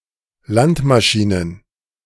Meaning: plural of Landmaschine
- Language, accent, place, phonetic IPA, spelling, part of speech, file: German, Germany, Berlin, [ˈlantmaˌʃiːnən], Landmaschinen, noun, De-Landmaschinen.ogg